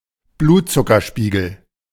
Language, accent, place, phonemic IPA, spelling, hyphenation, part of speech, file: German, Germany, Berlin, /ˈbluːtt͡sʊkɐˌʃpiːɡl̩/, Blutzuckerspiegel, Blut‧zu‧cker‧spie‧gel, noun, De-Blutzuckerspiegel.ogg
- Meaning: blood sugar level